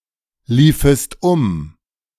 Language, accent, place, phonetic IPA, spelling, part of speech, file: German, Germany, Berlin, [ˌliːfəst ˈʊm], liefest um, verb, De-liefest um.ogg
- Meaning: second-person singular subjunctive II of umlaufen